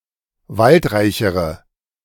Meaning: inflection of waldreich: 1. strong/mixed nominative/accusative feminine singular comparative degree 2. strong nominative/accusative plural comparative degree
- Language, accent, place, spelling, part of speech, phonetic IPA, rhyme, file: German, Germany, Berlin, waldreichere, adjective, [ˈvaltˌʁaɪ̯çəʁə], -altʁaɪ̯çəʁə, De-waldreichere.ogg